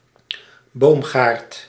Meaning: orchard
- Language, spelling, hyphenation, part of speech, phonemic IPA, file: Dutch, boomgaard, boom‧gaard, noun, /ˈboːm.ɣaːrt/, Nl-boomgaard.ogg